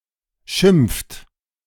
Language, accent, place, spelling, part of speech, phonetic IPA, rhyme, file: German, Germany, Berlin, schimpft, verb, [ʃɪmp͡ft], -ɪmp͡ft, De-schimpft.ogg
- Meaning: inflection of schimpfen: 1. third-person singular present 2. second-person plural present 3. plural imperative